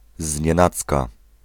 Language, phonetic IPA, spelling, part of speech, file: Polish, [zʲɲɛ̃ˈnat͡ska], znienacka, adverb, Pl-znienacka.ogg